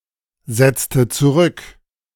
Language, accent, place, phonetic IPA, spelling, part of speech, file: German, Germany, Berlin, [ˌzɛt͡stə t͡suˈʁʏk], setzte zurück, verb, De-setzte zurück.ogg
- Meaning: inflection of zurücksetzen: 1. first/third-person singular preterite 2. first/third-person singular subjunctive II